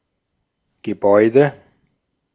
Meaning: building, edifice, structure
- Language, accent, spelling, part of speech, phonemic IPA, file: German, Austria, Gebäude, noun, /ɡəˈbɔɪ̯də/, De-at-Gebäude.ogg